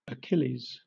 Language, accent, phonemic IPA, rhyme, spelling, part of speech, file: English, Southern England, /əˈkɪliːz/, -ɪliːz, Achilles, proper noun, LL-Q1860 (eng)-Achilles.wav
- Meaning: A mythical semidivine hero, the son of Peleus by the nereid Thetis, and prince of the Myrmidons, who features in the Iliad as a central character and the foremost warrior of the Achaean (Greek) camp